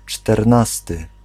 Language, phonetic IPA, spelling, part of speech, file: Polish, [t͡ʃtɛrˈnastɨ], czternasty, adjective / noun, Pl-czternasty.ogg